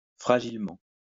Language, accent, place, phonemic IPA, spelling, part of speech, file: French, France, Lyon, /fʁa.ʒil.mɑ̃/, fragilement, adverb, LL-Q150 (fra)-fragilement.wav
- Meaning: fragilely